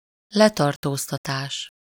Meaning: arrest (seizure of person to be taken into custody)
- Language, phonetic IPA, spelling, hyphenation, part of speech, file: Hungarian, [ˈlɛtɒrtoːstɒtaːʃ], letartóztatás, le‧tar‧tóz‧ta‧tás, noun, Hu-letartóztatás.ogg